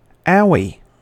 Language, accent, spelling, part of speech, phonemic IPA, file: English, US, owie, interjection / noun, /ˈaʊ(w)iː/, En-us-owie.ogg
- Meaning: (interjection) Synonym of ow; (noun) A painful but minor injury